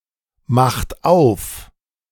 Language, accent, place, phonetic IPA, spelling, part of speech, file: German, Germany, Berlin, [ˌmaxt ˈaʊ̯f], macht auf, verb, De-macht auf.ogg
- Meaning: inflection of aufmachen: 1. third-person singular present 2. second-person plural present 3. plural imperative